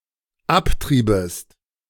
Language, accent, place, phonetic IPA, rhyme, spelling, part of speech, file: German, Germany, Berlin, [ˈapˌtʁiːbəst], -aptʁiːbəst, abtriebest, verb, De-abtriebest.ogg
- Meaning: second-person singular dependent subjunctive II of abtreiben